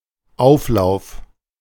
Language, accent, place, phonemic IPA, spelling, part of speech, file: German, Germany, Berlin, /ˈʔaʊ̯fˌlaʊ̯f/, Auflauf, noun, De-Auflauf.ogg
- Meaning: 1. crowd 2. cobbler (sweet baked dish) 3. (typically layered) baked dish or casserole (for example, a gratin)